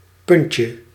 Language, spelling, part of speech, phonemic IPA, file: Dutch, puntje, noun, /ˈpʏnˌtjə/, Nl-puntje.ogg
- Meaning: diminutive of punt